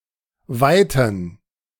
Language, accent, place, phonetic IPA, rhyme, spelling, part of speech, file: German, Germany, Berlin, [ˈvaɪ̯tn̩], -aɪ̯tn̩, Weiten, noun, De-Weiten.ogg
- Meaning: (noun) 1. gerund of weiten 2. plural of Weite; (proper noun) a municipality of Lower Austria, Austria